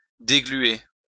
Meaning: to remove birdlime (from)
- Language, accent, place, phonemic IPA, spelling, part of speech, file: French, France, Lyon, /de.ɡly.e/, dégluer, verb, LL-Q150 (fra)-dégluer.wav